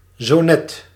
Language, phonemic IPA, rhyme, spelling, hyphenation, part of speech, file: Dutch, /zoːˈnɛt/, -ɛt, zonet, zo‧net, adverb, Nl-zonet.ogg
- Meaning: just now, just a moment ago